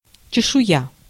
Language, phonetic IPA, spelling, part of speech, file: Russian, [t͡ɕɪʂʊˈja], чешуя, noun, Ru-чешуя.ogg
- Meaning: scales (of fish, reptiles, etc.)